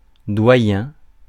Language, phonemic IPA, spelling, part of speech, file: French, /dwa.jɛ̃/, doyen, noun, Fr-doyen.ogg
- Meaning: 1. dean 2. doyen (senior member)